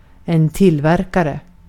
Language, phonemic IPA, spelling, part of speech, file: Swedish, /²tɪlˌvɛrkarɛ/, tillverkare, noun, Sv-tillverkare.ogg
- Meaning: manufacturer